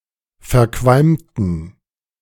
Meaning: inflection of verqualmt: 1. strong genitive masculine/neuter singular 2. weak/mixed genitive/dative all-gender singular 3. strong/weak/mixed accusative masculine singular 4. strong dative plural
- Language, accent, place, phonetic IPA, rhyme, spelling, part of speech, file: German, Germany, Berlin, [fɛɐ̯ˈkvalmtn̩], -almtn̩, verqualmten, adjective, De-verqualmten.ogg